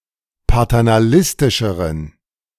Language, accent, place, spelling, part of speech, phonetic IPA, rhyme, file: German, Germany, Berlin, paternalistischeren, adjective, [patɛʁnaˈlɪstɪʃəʁən], -ɪstɪʃəʁən, De-paternalistischeren.ogg
- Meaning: inflection of paternalistisch: 1. strong genitive masculine/neuter singular comparative degree 2. weak/mixed genitive/dative all-gender singular comparative degree